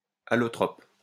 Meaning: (noun) allotrope; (adjective) allotropic
- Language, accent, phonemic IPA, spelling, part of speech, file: French, France, /a.lɔ.tʁɔp/, allotrope, noun / adjective, LL-Q150 (fra)-allotrope.wav